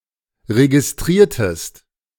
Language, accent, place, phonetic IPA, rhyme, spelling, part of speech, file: German, Germany, Berlin, [ʁeɡɪsˈtʁiːɐ̯təst], -iːɐ̯təst, registriertest, verb, De-registriertest.ogg
- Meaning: inflection of registrieren: 1. second-person singular preterite 2. second-person singular subjunctive II